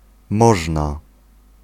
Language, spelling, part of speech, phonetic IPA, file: Polish, można, verb / adjective, [ˈmɔʒna], Pl-można.ogg